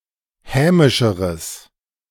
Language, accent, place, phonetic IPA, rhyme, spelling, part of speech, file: German, Germany, Berlin, [ˈhɛːmɪʃəʁəs], -ɛːmɪʃəʁəs, hämischeres, adjective, De-hämischeres.ogg
- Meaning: strong/mixed nominative/accusative neuter singular comparative degree of hämisch